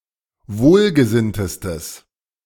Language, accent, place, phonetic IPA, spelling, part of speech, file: German, Germany, Berlin, [ˈvoːlɡəˌzɪntəstəs], wohlgesinntestes, adjective, De-wohlgesinntestes.ogg
- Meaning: strong/mixed nominative/accusative neuter singular superlative degree of wohlgesinnt